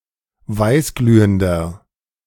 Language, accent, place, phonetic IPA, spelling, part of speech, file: German, Germany, Berlin, [ˈvaɪ̯sˌɡlyːəndɐ], weißglühender, adjective, De-weißglühender.ogg
- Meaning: inflection of weißglühend: 1. strong/mixed nominative masculine singular 2. strong genitive/dative feminine singular 3. strong genitive plural